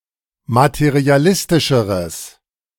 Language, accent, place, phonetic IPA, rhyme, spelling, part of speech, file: German, Germany, Berlin, [matəʁiaˈlɪstɪʃəʁəs], -ɪstɪʃəʁəs, materialistischeres, adjective, De-materialistischeres.ogg
- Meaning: strong/mixed nominative/accusative neuter singular comparative degree of materialistisch